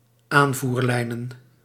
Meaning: plural of aanvoerlijn
- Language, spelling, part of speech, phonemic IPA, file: Dutch, aanvoerlijnen, noun, /ˈaɱvurˌlɛinə(n)/, Nl-aanvoerlijnen.ogg